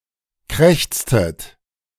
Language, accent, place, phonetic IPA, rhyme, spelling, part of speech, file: German, Germany, Berlin, [ˈkʁɛçt͡stət], -ɛçt͡stət, krächztet, verb, De-krächztet.ogg
- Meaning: inflection of krächzen: 1. second-person plural preterite 2. second-person plural subjunctive II